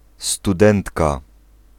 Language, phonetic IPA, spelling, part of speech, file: Polish, [stuˈdɛ̃ntka], studentka, noun, Pl-studentka.ogg